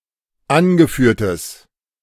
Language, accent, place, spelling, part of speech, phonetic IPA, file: German, Germany, Berlin, angeführtes, adjective, [ˈanɡəˌfyːɐ̯təs], De-angeführtes.ogg
- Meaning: strong/mixed nominative/accusative neuter singular of angeführt